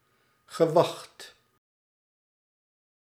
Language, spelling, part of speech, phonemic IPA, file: Dutch, gewacht, noun / verb, /ɣəˈʋɑxt/, Nl-gewacht.ogg
- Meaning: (noun) waiting; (verb) past participle of wachten